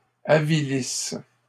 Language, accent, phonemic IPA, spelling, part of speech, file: French, Canada, /a.vi.lis/, avilisse, verb, LL-Q150 (fra)-avilisse.wav
- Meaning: inflection of avilir: 1. first/third-person singular present subjunctive 2. first-person singular imperfect subjunctive